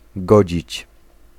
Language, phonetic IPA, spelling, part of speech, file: Polish, [ˈɡɔd͡ʑit͡ɕ], godzić, verb, Pl-godzić.ogg